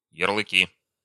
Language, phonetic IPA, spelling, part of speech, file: Russian, [(j)ɪrɫɨˈkʲi], ярлыки, noun, Ru-ярлыки.ogg
- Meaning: nominative/accusative plural of ярлы́к (jarlýk)